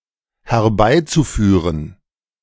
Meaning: zu-infinitive of herbeiführen
- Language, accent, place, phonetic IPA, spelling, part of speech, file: German, Germany, Berlin, [hɛɐ̯ˈbaɪ̯t͡suˌfyːʁən], herbeizuführen, verb, De-herbeizuführen.ogg